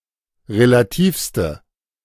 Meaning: inflection of relativ: 1. strong/mixed nominative/accusative feminine singular superlative degree 2. strong nominative/accusative plural superlative degree
- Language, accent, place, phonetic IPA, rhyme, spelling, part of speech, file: German, Germany, Berlin, [ʁelaˈtiːfstə], -iːfstə, relativste, adjective, De-relativste.ogg